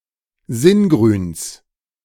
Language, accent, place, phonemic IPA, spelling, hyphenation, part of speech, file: German, Germany, Berlin, /ˈzɪnˌɡʁyːns/, Singrüns, Sin‧grüns, noun, De-Singrüns.ogg
- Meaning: genitive singular of Singrün